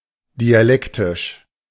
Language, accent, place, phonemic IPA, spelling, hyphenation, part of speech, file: German, Germany, Berlin, /diaˈlɛktɪʃ/, dialektisch, di‧a‧lek‧tisch, adjective, De-dialektisch.ogg
- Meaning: 1. dialectical 2. dialectal (pertaining to a dialect)